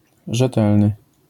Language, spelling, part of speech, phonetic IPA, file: Polish, rzetelny, adjective, [ʒɛˈtɛlnɨ], LL-Q809 (pol)-rzetelny.wav